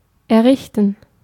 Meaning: to build, to erect (a building or permanent structure, especially a large or individually significant one)
- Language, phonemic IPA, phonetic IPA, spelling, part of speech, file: German, /ɛˈʁɪçtən/, [ʔɛˈʁɪçtn̩], errichten, verb, De-errichten.ogg